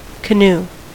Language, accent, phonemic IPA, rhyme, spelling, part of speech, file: English, US, /kəˈnuː/, -uː, canoe, noun / verb, En-us-canoe.ogg